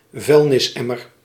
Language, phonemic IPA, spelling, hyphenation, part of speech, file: Dutch, /ˈvœy̯l.nɪsˌɛ.mər/, vuilnisemmer, vuil‧nis‧em‧mer, noun, Nl-vuilnisemmer.ogg
- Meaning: rubbish bin, trashcan, dustbin